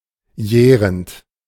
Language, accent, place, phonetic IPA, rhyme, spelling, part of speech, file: German, Germany, Berlin, [ˈjɛːʁənt], -ɛːʁənt, jährend, verb, De-jährend.ogg
- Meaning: present participle of jähren